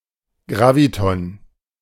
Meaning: graviton
- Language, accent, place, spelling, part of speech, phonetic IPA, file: German, Germany, Berlin, Graviton, noun, [ˈɡʁaːvitɔn], De-Graviton.ogg